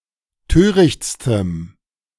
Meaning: strong dative masculine/neuter singular superlative degree of töricht
- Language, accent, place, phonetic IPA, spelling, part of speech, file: German, Germany, Berlin, [ˈtøːʁɪçt͡stəm], törichtstem, adjective, De-törichtstem.ogg